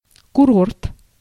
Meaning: resort, holiday resort, health resort
- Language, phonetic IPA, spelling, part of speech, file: Russian, [kʊˈrort], курорт, noun, Ru-курорт.ogg